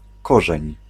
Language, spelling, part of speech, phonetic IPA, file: Polish, korzeń, noun, [ˈkɔʒɛ̃ɲ], Pl-korzeń.ogg